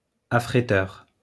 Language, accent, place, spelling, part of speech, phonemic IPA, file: French, France, Lyon, affréteur, noun, /a.fʁe.tœʁ/, LL-Q150 (fra)-affréteur.wav
- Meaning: shipper